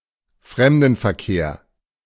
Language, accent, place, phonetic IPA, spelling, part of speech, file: German, Germany, Berlin, [ˈfʁɛmdn̩fɛɐ̯ˌkeːɐ̯], Fremdenverkehr, noun, De-Fremdenverkehr.ogg
- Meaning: tourism